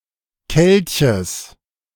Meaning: genitive singular of Kelch
- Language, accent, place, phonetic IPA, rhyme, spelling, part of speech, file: German, Germany, Berlin, [ˈkɛlçəs], -ɛlçəs, Kelches, noun, De-Kelches.ogg